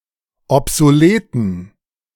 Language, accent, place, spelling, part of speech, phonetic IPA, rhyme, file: German, Germany, Berlin, obsoleten, adjective, [ɔpzoˈleːtn̩], -eːtn̩, De-obsoleten.ogg
- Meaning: inflection of obsolet: 1. strong genitive masculine/neuter singular 2. weak/mixed genitive/dative all-gender singular 3. strong/weak/mixed accusative masculine singular 4. strong dative plural